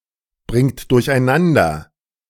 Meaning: inflection of durcheinanderbringen: 1. third-person singular present 2. second-person plural present 3. plural imperative
- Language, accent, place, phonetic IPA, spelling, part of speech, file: German, Germany, Berlin, [ˌbʁɪŋt dʊʁçʔaɪ̯ˈnandɐ], bringt durcheinander, verb, De-bringt durcheinander.ogg